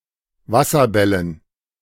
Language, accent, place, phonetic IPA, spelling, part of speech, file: German, Germany, Berlin, [ˈvasɐˌbɛlən], Wasserbällen, noun, De-Wasserbällen.ogg
- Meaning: dative plural of Wasserball